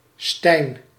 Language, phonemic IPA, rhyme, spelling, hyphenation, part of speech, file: Dutch, /stɛi̯n/, -ɛi̯n, Stijn, Stijn, proper noun, Nl-Stijn.ogg
- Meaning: a male given name